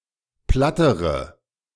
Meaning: inflection of platt: 1. strong/mixed nominative/accusative feminine singular comparative degree 2. strong nominative/accusative plural comparative degree
- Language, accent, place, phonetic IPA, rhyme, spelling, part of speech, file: German, Germany, Berlin, [ˈplatəʁə], -atəʁə, plattere, adjective / verb, De-plattere.ogg